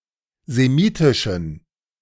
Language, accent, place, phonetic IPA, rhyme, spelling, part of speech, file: German, Germany, Berlin, [zeˈmiːtɪʃn̩], -iːtɪʃn̩, semitischen, adjective, De-semitischen.ogg
- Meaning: inflection of semitisch: 1. strong genitive masculine/neuter singular 2. weak/mixed genitive/dative all-gender singular 3. strong/weak/mixed accusative masculine singular 4. strong dative plural